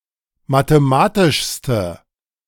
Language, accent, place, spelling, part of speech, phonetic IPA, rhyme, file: German, Germany, Berlin, mathematischste, adjective, [mateˈmaːtɪʃstə], -aːtɪʃstə, De-mathematischste.ogg
- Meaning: inflection of mathematisch: 1. strong/mixed nominative/accusative feminine singular superlative degree 2. strong nominative/accusative plural superlative degree